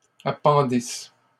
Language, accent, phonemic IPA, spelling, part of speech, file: French, Canada, /a.pɑ̃.dis/, appendisses, verb, LL-Q150 (fra)-appendisses.wav
- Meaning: second-person singular imperfect subjunctive of appendre